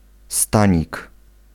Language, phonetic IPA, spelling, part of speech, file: Polish, [ˈstãɲik], stanik, noun, Pl-stanik.ogg